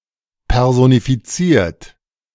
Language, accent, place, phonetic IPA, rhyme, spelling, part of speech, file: German, Germany, Berlin, [ˌpɛʁzonifiˈt͡siːɐ̯t], -iːɐ̯t, personifiziert, verb, De-personifiziert.ogg
- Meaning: 1. past participle of personifizieren 2. inflection of personifizieren: third-person singular present 3. inflection of personifizieren: second-person plural present